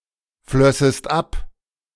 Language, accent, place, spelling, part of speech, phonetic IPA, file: German, Germany, Berlin, flössest ab, verb, [ˌflœsəst ˈap], De-flössest ab.ogg
- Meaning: second-person singular subjunctive II of abfließen